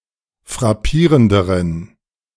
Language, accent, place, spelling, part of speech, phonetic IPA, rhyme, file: German, Germany, Berlin, frappierenderen, adjective, [fʁaˈpiːʁəndəʁən], -iːʁəndəʁən, De-frappierenderen.ogg
- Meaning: inflection of frappierend: 1. strong genitive masculine/neuter singular comparative degree 2. weak/mixed genitive/dative all-gender singular comparative degree